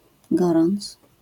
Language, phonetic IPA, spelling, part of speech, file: Polish, [ˈɡɔrɔ̃nt͡s], gorąc, noun, LL-Q809 (pol)-gorąc.wav